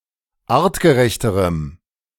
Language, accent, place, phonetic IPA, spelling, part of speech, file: German, Germany, Berlin, [ˈaːʁtɡəˌʁɛçtəʁəm], artgerechterem, adjective, De-artgerechterem.ogg
- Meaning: strong dative masculine/neuter singular comparative degree of artgerecht